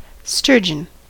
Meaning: Any of the marine or freshwater fish of the family Acipenseridae that are prized for their roe and are endemic to temperate seas and rivers of the northern hemisphere, especially central Eurasia
- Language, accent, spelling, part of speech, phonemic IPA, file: English, US, sturgeon, noun, /ˈstɝd͡ʒən/, En-us-sturgeon.ogg